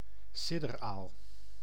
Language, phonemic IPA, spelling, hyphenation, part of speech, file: Dutch, /ˈsɪ.dərˌaːl/, sidderaal, sid‧der‧aal, noun, Nl-sidderaal.ogg
- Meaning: electric eel (Electrophorus electricus)